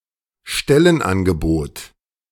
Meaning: job offer, offer of employment
- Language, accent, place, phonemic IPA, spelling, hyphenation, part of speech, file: German, Germany, Berlin, /ˈʃtɛlənˌ.anɡəboːt/, Stellenangebot, Stel‧len‧an‧ge‧bot, noun, De-Stellenangebot.ogg